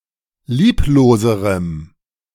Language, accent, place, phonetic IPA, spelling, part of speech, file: German, Germany, Berlin, [ˈliːploːzəʁəm], liebloserem, adjective, De-liebloserem.ogg
- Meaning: strong dative masculine/neuter singular comparative degree of lieblos